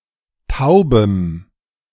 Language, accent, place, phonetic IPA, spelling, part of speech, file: German, Germany, Berlin, [ˈtaʊ̯bəm], taubem, adjective, De-taubem.ogg
- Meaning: strong dative masculine/neuter singular of taub